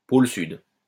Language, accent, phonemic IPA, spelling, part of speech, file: French, France, /pol syd/, pôle Sud, noun, LL-Q150 (fra)-pôle Sud.wav
- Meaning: south pole (the southernmost point on a celestial body)